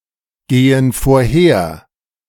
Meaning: inflection of vorhergehen: 1. first/third-person plural present 2. first/third-person plural subjunctive I
- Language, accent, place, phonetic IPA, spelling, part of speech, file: German, Germany, Berlin, [ˌɡeːən foːɐ̯ˈheːɐ̯], gehen vorher, verb, De-gehen vorher.ogg